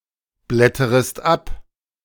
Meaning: second-person singular subjunctive I of abblättern
- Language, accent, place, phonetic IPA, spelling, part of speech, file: German, Germany, Berlin, [ˌblɛtəʁəst ˈap], blätterest ab, verb, De-blätterest ab.ogg